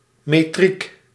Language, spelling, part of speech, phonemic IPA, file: Dutch, metriek, noun / adjective, /meˈtrik/, Nl-metriek.ogg
- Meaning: metric